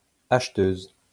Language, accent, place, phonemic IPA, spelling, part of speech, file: French, France, Lyon, /aʃ.tøz/, acheteuse, noun, LL-Q150 (fra)-acheteuse.wav
- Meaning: female equivalent of acheteur